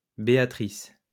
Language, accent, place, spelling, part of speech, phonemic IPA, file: French, France, Lyon, Béatrice, proper noun, /be.a.tʁis/, LL-Q150 (fra)-Béatrice.wav
- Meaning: a female given name, equivalent to English Beatrice